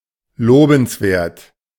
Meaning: laudable
- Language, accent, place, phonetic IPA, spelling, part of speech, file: German, Germany, Berlin, [ˈloːbn̩sˌveːɐ̯t], lobenswert, adjective, De-lobenswert.ogg